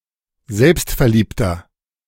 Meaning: 1. comparative degree of selbstverliebt 2. inflection of selbstverliebt: strong/mixed nominative masculine singular 3. inflection of selbstverliebt: strong genitive/dative feminine singular
- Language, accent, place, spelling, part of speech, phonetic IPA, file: German, Germany, Berlin, selbstverliebter, adjective, [ˈzɛlpstfɛɐ̯ˌliːptɐ], De-selbstverliebter.ogg